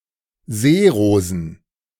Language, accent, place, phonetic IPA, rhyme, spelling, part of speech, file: German, Germany, Berlin, [ˈzeːˌʁoːzn̩], -eːʁoːzn̩, Seerosen, noun, De-Seerosen.ogg
- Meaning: plural of Seerose